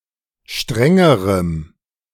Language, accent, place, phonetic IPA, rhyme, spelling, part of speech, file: German, Germany, Berlin, [ˈʃtʁɛŋəʁəm], -ɛŋəʁəm, strengerem, adjective, De-strengerem.ogg
- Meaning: strong dative masculine/neuter singular comparative degree of streng